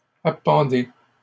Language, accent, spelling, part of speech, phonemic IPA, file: French, Canada, appendez, verb, /a.pɑ̃.de/, LL-Q150 (fra)-appendez.wav
- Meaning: inflection of appendre: 1. second-person plural present indicative 2. second-person plural imperative